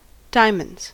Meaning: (noun) 1. plural of diamond 2. One of the four suits of playing cards, marked with the symbol ♦ 3. The testicles; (verb) third-person singular simple present indicative of diamond
- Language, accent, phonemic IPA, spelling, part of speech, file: English, US, /ˈdaɪ(ə)məndz/, diamonds, noun / verb, En-us-diamonds.ogg